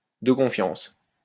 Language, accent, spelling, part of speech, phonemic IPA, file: French, France, de confiance, adjective, /də kɔ̃.fjɑ̃s/, LL-Q150 (fra)-de confiance.wav
- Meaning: trustworthy, reliable; trusted